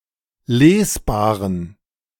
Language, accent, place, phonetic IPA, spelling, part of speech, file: German, Germany, Berlin, [ˈleːsˌbaːʁən], lesbaren, adjective, De-lesbaren.ogg
- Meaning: inflection of lesbar: 1. strong genitive masculine/neuter singular 2. weak/mixed genitive/dative all-gender singular 3. strong/weak/mixed accusative masculine singular 4. strong dative plural